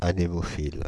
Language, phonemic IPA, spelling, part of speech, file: French, /a.ne.mɔ.fil/, anémophile, adjective, Fr-anémophile.ogg
- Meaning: anemophilous